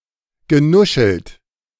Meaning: past participle of nuscheln
- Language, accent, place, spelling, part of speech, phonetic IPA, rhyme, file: German, Germany, Berlin, genuschelt, verb, [ɡəˈnʊʃl̩t], -ʊʃl̩t, De-genuschelt.ogg